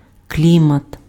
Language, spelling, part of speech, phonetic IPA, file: Ukrainian, клімат, noun, [ˈklʲimɐt], Uk-клімат.ogg
- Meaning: climate